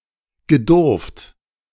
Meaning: past participle of dürfen
- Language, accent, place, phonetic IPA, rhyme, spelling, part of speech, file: German, Germany, Berlin, [ɡəˈdʊʁft], -ʊʁft, gedurft, verb, De-gedurft.ogg